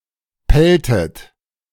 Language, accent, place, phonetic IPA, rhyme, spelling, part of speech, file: German, Germany, Berlin, [ˈpɛltət], -ɛltət, pelltet, verb, De-pelltet.ogg
- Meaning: inflection of pellen: 1. second-person plural preterite 2. second-person plural subjunctive II